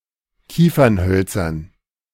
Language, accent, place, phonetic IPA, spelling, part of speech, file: German, Germany, Berlin, [ˈkiːfɐnˌhœlt͡sɐn], Kiefernhölzern, noun, De-Kiefernhölzern.ogg
- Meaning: dative plural of Kiefernholz